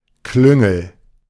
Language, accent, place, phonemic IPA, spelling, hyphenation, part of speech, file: German, Germany, Berlin, /ˈklʏŋl̩/, Klüngel, Klün‧gel, noun, De-Klüngel.ogg
- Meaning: 1. clique 2. cronyism (favoritism to friends or relatives) 3. panicle, raceme